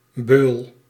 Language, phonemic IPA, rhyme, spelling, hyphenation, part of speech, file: Dutch, /bøːl/, -øːl, beul, beul, noun, Nl-beul.ogg
- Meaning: 1. an executioner, torturer, one who carries out executions and other judicial corporal punishments 2. a cruel person, in act or sadistic streak